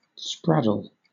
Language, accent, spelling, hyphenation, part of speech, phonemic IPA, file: English, Southern England, spraddle, sprad‧dle, verb / noun, /ˈspɹædl̩/, LL-Q1860 (eng)-spraddle.wav
- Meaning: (verb) 1. To spread apart (the legs) 2. To spread apart the legs of (someone or something) 3. To lie, move, or stand with legs spread; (noun) A manner of walking with the legs spread out